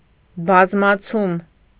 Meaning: 1. increase, augmentation 2. reproduction (the act of reproducing new individuals biologically), breeding
- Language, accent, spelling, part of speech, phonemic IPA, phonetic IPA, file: Armenian, Eastern Armenian, բազմացում, noun, /bɑzmɑˈt͡sʰum/, [bɑzmɑt͡sʰúm], Hy-բազմացում.ogg